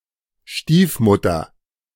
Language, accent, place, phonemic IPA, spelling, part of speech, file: German, Germany, Berlin, /ˈʃtiːfˌmʊtʰɐ/, Stiefmutter, noun, De-Stiefmutter.ogg
- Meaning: stepmother